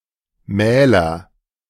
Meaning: nominative/accusative/genitive plural of Mahl
- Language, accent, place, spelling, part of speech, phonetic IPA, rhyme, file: German, Germany, Berlin, Mähler, noun, [ˈmɛːlɐ], -ɛːlɐ, De-Mähler.ogg